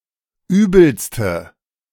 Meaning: inflection of übel: 1. strong/mixed nominative/accusative feminine singular superlative degree 2. strong nominative/accusative plural superlative degree
- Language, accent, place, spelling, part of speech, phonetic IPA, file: German, Germany, Berlin, übelste, adjective, [ˈyːbl̩stə], De-übelste.ogg